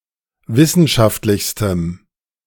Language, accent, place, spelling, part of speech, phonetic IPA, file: German, Germany, Berlin, wissenschaftlichstem, adjective, [ˈvɪsn̩ʃaftlɪçstəm], De-wissenschaftlichstem.ogg
- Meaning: strong dative masculine/neuter singular superlative degree of wissenschaftlich